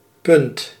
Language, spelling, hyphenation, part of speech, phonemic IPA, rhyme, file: Dutch, punt, punt, noun, /pʏnt/, -ʏnt, Nl-punt.ogg
- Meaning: 1. point (a position, place, or spot) 2. point (moment in time) 3. point (central idea, argument, or opinion of a discussion or presentation) 4. point (tally of worth or score, such as in a game)